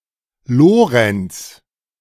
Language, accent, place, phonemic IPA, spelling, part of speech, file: German, Germany, Berlin, /ˈloːʁɛnts/, Lorenz, proper noun, De-Lorenz.ogg
- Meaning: 1. a male given name, equivalent to English Laurence 2. a surname originating as a patronymic